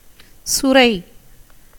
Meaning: 1. Lagenaria, bottle gourd, water gourd, calabash 2. streaming, flowing 3. udder, teat 4. milch cow
- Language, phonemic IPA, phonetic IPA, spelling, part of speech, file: Tamil, /tʃʊɾɐɪ̯/, [sʊɾɐɪ̯], சுரை, noun, Ta-சுரை.ogg